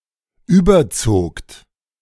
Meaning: second-person plural preterite of überziehen
- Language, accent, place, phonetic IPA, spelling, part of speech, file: German, Germany, Berlin, [ˈyːbɐˌt͡soːkt], überzogt, verb, De-überzogt.ogg